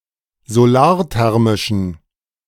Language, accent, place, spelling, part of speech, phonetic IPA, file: German, Germany, Berlin, solarthermischen, adjective, [zoˈlaːɐ̯ˌtɛʁmɪʃn̩], De-solarthermischen.ogg
- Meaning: inflection of solarthermisch: 1. strong genitive masculine/neuter singular 2. weak/mixed genitive/dative all-gender singular 3. strong/weak/mixed accusative masculine singular 4. strong dative plural